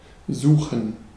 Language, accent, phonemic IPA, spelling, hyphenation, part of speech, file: German, Germany, /ˈzuːxən/, suchen, su‧chen, verb, De-suchen.ogg
- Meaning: 1. to search, to look for 2. to seek, to strive, to intend, to try